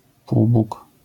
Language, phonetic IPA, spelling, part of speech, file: Polish, [ˈpuwbuk], półbóg, noun, LL-Q809 (pol)-półbóg.wav